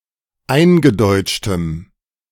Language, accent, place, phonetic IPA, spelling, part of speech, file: German, Germany, Berlin, [ˈaɪ̯nɡəˌdɔɪ̯t͡ʃtəm], eingedeutschtem, adjective, De-eingedeutschtem.ogg
- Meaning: strong dative masculine/neuter singular of eingedeutscht